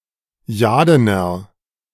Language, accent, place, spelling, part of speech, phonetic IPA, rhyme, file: German, Germany, Berlin, jadener, adjective, [ˈjaːdənɐ], -aːdənɐ, De-jadener.ogg
- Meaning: inflection of jaden: 1. strong/mixed nominative masculine singular 2. strong genitive/dative feminine singular 3. strong genitive plural